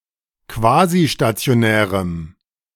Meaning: strong dative masculine/neuter singular of quasistationär
- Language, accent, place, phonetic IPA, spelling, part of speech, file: German, Germany, Berlin, [ˈkvaːziʃtat͡si̯oˌnɛːʁəm], quasistationärem, adjective, De-quasistationärem.ogg